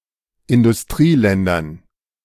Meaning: dative plural of Industrieland
- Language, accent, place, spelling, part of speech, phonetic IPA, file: German, Germany, Berlin, Industrieländern, noun, [ɪndʊsˈtʁiːˌlɛndɐn], De-Industrieländern.ogg